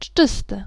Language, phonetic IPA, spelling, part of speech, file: Polish, [ˈd͡ʒːɨstɨ], dżdżysty, adjective, Pl-dżdżysty.ogg